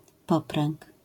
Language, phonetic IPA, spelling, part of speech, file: Polish, [ˈpɔprɛ̃ŋk], popręg, noun, LL-Q809 (pol)-popręg.wav